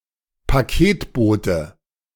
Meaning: package carrier
- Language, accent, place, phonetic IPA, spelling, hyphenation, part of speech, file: German, Germany, Berlin, [paˈkeːtˌboːtə], Paketbote, Pa‧ket‧bo‧te, noun, De-Paketbote.ogg